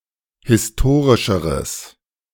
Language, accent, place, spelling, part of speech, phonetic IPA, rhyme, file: German, Germany, Berlin, historischeres, adjective, [hɪsˈtoːʁɪʃəʁəs], -oːʁɪʃəʁəs, De-historischeres.ogg
- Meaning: strong/mixed nominative/accusative neuter singular comparative degree of historisch